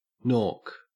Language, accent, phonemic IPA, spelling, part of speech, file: English, Australia, /noːk/, nork, noun, En-au-nork.ogg
- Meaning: A woman's breast